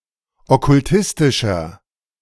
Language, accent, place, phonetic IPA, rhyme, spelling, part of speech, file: German, Germany, Berlin, [ɔkʊlˈtɪstɪʃɐ], -ɪstɪʃɐ, okkultistischer, adjective, De-okkultistischer.ogg
- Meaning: inflection of okkultistisch: 1. strong/mixed nominative masculine singular 2. strong genitive/dative feminine singular 3. strong genitive plural